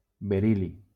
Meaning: beryllium
- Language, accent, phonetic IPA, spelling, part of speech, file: Catalan, Valencia, [beˈɾil.li], beril·li, noun, LL-Q7026 (cat)-beril·li.wav